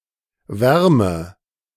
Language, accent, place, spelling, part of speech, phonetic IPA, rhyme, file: German, Germany, Berlin, wärme, verb, [ˈvɛʁmə], -ɛʁmə, De-wärme.ogg
- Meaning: inflection of wärmen: 1. first-person singular present 2. first/third-person singular subjunctive I 3. singular imperative